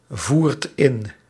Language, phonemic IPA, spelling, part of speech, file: Dutch, /ˈvuːrt ˈɪn/, voert in, verb, Nl-voert in.ogg
- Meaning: inflection of invoeren: 1. second/third-person singular present indicative 2. plural imperative